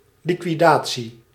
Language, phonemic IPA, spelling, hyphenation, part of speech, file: Dutch, /ˌli.kʋiˈdaː.(t)si/, liquidatie, li‧qui‧da‧tie, noun, Nl-liquidatie.ogg
- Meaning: 1. liquidation 2. targeted assassination